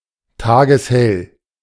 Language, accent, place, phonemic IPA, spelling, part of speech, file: German, Germany, Berlin, /ˈtaːɡəsˈhɛl/, tageshell, adjective, De-tageshell.ogg
- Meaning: daylit (as bright as day)